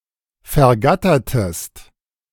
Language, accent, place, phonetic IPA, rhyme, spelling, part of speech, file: German, Germany, Berlin, [fɛɐ̯ˈɡatɐtəst], -atɐtəst, vergattertest, verb, De-vergattertest.ogg
- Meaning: inflection of vergattern: 1. second-person singular preterite 2. second-person singular subjunctive II